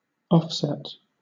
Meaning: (noun) Anything that acts as counterbalance; a compensating equivalent
- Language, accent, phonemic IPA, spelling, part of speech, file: English, Southern England, /ˈɒf.sɛt/, offset, noun / verb / adverb / adjective, LL-Q1860 (eng)-offset.wav